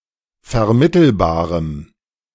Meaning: strong dative masculine/neuter singular of vermittelbar
- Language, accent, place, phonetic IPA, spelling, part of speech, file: German, Germany, Berlin, [fɛɐ̯ˈmɪtl̩baːʁəm], vermittelbarem, adjective, De-vermittelbarem.ogg